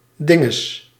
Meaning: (noun) 1. thingamajig, whatchamacallit 2. whatshisname, whatshername; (interjection) said when one can't or is too busy or distracted to think of the proper thing to say
- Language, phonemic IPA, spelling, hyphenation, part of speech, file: Dutch, /ˈdɪ.ŋəs/, dinges, din‧ges, noun / interjection, Nl-dinges.ogg